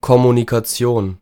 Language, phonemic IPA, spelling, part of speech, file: German, /komunikaˈt͡si̯oːn/, Kommunikation, noun, De-Kommunikation.ogg
- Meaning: 1. communication, exchange of signs 2. the imparting or sharing between of anything, communication 3. Holy Communion or the incarnation of Christ believed to take place therein, communication